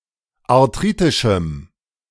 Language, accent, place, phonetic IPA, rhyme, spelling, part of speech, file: German, Germany, Berlin, [aʁˈtʁiːtɪʃm̩], -iːtɪʃm̩, arthritischem, adjective, De-arthritischem.ogg
- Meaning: strong dative masculine/neuter singular of arthritisch